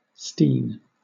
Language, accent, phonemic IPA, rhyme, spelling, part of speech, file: English, Southern England, /stiːn/, -iːn, steen, noun / verb, LL-Q1860 (eng)-steen.wav
- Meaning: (noun) Alternative form of stean